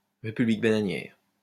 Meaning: banana republic (small country dependent on a single export commodity with a corrupt dictatorial government)
- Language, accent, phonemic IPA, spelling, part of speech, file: French, France, /ʁe.py.blik ba.na.njɛʁ/, république bananière, noun, LL-Q150 (fra)-république bananière.wav